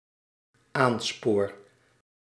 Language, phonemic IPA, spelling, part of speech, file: Dutch, /ˈanspor/, aanspoor, verb, Nl-aanspoor.ogg
- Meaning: first-person singular dependent-clause present indicative of aansporen